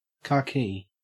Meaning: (noun) 1. A dull, yellowish-brown colour, the colour of dust 2. Khaki green, a dull green colour 3. A strong cloth of wool or cotton, often used for military or other uniforms
- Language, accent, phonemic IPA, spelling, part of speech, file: English, Australia, /ˈkɑː.ki/, khaki, noun / adjective, En-au-khaki.ogg